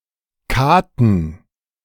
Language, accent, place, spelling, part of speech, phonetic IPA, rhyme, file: German, Germany, Berlin, Katen, noun, [ˈkaːtn̩], -aːtn̩, De-Katen.ogg
- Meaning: plural of Kate